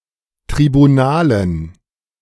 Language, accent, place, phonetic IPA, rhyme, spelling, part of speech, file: German, Germany, Berlin, [tʁibuˈnaːlən], -aːlən, Tribunalen, noun, De-Tribunalen.ogg
- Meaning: dative plural of Tribunal